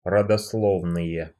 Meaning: nominative/accusative plural of родосло́вная (rodoslóvnaja)
- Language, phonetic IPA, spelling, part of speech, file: Russian, [rədɐsˈɫovnɨje], родословные, noun, Ru-родословные.ogg